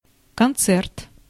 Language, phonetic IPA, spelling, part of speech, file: Russian, [kɐnˈt͡sɛrt], концерт, noun, Ru-концерт.ogg
- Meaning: 1. concert (musical entertainment in which several voices or instruments take part) 2. concerto (piece of music for one or more solo instruments and orchestra) 3. quarrel accompanied by shouting